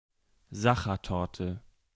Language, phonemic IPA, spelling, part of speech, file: German, /ˈsaχɐˌtɔɐ̯tɛ/, Sachertorte, noun, De-Sachertorte.ogg
- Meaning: Sacher torte (specific type of chocolate torte)